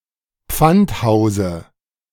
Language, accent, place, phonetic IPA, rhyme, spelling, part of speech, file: German, Germany, Berlin, [ˈp͡fantˌhaʊ̯zə], -anthaʊ̯zə, Pfandhause, noun, De-Pfandhause.ogg
- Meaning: dative of Pfandhaus